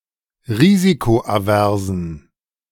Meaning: inflection of risikoavers: 1. strong genitive masculine/neuter singular 2. weak/mixed genitive/dative all-gender singular 3. strong/weak/mixed accusative masculine singular 4. strong dative plural
- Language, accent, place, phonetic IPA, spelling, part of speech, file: German, Germany, Berlin, [ˈʁiːzikoʔaˌvɛʁzn̩], risikoaversen, adjective, De-risikoaversen.ogg